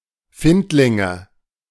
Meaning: nominative/accusative/genitive plural of Findling
- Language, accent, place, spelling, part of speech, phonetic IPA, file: German, Germany, Berlin, Findlinge, noun, [ˈfɪntlɪŋə], De-Findlinge.ogg